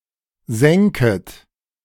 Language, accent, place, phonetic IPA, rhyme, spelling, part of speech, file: German, Germany, Berlin, [ˈzɛŋkət], -ɛŋkət, sänket, verb, De-sänket.ogg
- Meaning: second-person plural subjunctive II of sinken